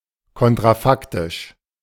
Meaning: counterfactual
- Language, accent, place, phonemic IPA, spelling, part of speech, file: German, Germany, Berlin, /ˌkɔntʁaˈfaktɪʃ/, kontrafaktisch, adjective, De-kontrafaktisch.ogg